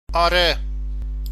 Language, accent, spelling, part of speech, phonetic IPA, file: Persian, Iran, آره, adverb / verb, [ʔɒː.ɹé], Fa-آره.ogg
- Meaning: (adverb) yeah (yes); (verb) third-person singular aorist indicative of آوردن (âvordan)